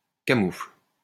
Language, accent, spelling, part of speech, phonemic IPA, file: French, France, camoufle, verb, /ka.mufl/, LL-Q150 (fra)-camoufle.wav
- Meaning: inflection of camoufler: 1. first/third-person singular present indicative/subjunctive 2. second-person singular imperative